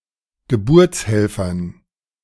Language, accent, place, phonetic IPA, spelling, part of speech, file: German, Germany, Berlin, [ɡəˈbʊʁt͡sˌhɛlfɐn], Geburtshelfern, noun, De-Geburtshelfern.ogg
- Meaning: dative plural of Geburtshelfer